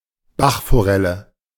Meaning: river trout (Salmo trutta fario)
- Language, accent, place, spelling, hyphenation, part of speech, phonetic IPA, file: German, Germany, Berlin, Bachforelle, Bach‧fo‧rel‧le, noun, [ˈbaχfoˈʁɛlə], De-Bachforelle.ogg